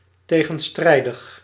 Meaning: contradictory
- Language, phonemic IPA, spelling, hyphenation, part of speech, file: Dutch, /ˌteɣə(n)ˈstrɛidəx/, tegenstrijdig, te‧gen‧strij‧dig, adjective, Nl-tegenstrijdig.ogg